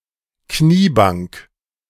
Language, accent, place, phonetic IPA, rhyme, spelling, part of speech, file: German, Germany, Berlin, [ˈkniːˌbaŋk], -iːbaŋk, Kniebank, noun, De-Kniebank.ogg
- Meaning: kneeler (small, low bench to kneel on, especially in a church, often protruding from the back of a pew)